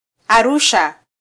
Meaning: Arusha (the capital city of the Arusha Region, in northeastern Tanzania)
- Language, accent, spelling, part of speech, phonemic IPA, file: Swahili, Kenya, Arusha, proper noun, /ɑˈɾu.ʃɑ/, Sw-ke-Arusha.flac